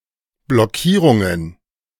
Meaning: plural of Blockierung
- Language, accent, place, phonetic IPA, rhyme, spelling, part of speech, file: German, Germany, Berlin, [blɔˈkiːʁʊŋən], -iːʁʊŋən, Blockierungen, noun, De-Blockierungen.ogg